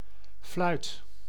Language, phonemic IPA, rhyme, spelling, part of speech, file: Dutch, /flœy̯t/, -œy̯t, fluit, noun / verb, Nl-fluit.ogg
- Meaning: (noun) 1. flute or the sound it creates 2. a whistle 3. organ pipe 4. penis 5. fluyt, flute (type of cargo ship) 6. shortened form of certain compounds, notably fluitglas